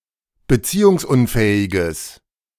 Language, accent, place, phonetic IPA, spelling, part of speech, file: German, Germany, Berlin, [bəˈt͡siːʊŋsˌʔʊnfɛːɪɡəs], beziehungsunfähiges, adjective, De-beziehungsunfähiges.ogg
- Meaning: strong/mixed nominative/accusative neuter singular of beziehungsunfähig